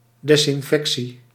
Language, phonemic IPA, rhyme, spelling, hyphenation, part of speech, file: Dutch, /ˌdɛs.ɪnˈfɛk.si/, -ɛksi, desinfectie, des‧in‧fec‧tie, noun, Nl-desinfectie.ogg
- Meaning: disinfection